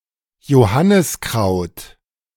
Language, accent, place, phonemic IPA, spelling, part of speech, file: German, Germany, Berlin, /joˈhanɪsˌkʁaʊ̯t/, Johanniskraut, noun, De-Johanniskraut.ogg
- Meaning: St. John's wort